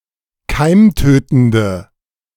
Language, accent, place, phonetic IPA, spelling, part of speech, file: German, Germany, Berlin, [ˈkaɪ̯mˌtøːtn̩də], keimtötende, adjective, De-keimtötende.ogg
- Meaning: inflection of keimtötend: 1. strong/mixed nominative/accusative feminine singular 2. strong nominative/accusative plural 3. weak nominative all-gender singular